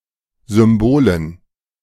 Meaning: dative plural of Symbol
- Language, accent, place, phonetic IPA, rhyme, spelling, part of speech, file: German, Germany, Berlin, [zʏmˈboːlən], -oːlən, Symbolen, noun, De-Symbolen.ogg